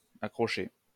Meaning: past participle of accrocher
- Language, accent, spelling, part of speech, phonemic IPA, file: French, France, accroché, verb, /a.kʁɔ.ʃe/, LL-Q150 (fra)-accroché.wav